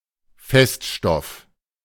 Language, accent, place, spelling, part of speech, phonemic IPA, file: German, Germany, Berlin, Feststoff, noun, /ˈfɛstʃtɔf/, De-Feststoff.ogg
- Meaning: 1. solid (material) 2. sediment